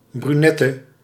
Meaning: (noun) brunette (brown-haired or dark-haired female); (adjective) inflection of brunet: 1. masculine/feminine singular attributive 2. definite neuter singular attributive 3. plural attributive
- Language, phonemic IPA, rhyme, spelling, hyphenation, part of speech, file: Dutch, /ˌbryˈnɛ.tə/, -ɛtə, brunette, bru‧net‧te, noun / adjective, Nl-brunette.ogg